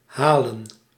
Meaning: 1. to fetch, to get 2. to reach (a goal), to catch 3. to make it
- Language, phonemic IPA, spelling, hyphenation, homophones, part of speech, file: Dutch, /ˈɦaːlə(n)/, halen, ha‧len, Haelen, verb, Nl-halen.ogg